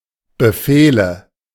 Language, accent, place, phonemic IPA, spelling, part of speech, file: German, Germany, Berlin, /bəˈfeːlə/, Befehle, noun, De-Befehle.ogg
- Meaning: nominative/accusative/genitive plural of Befehl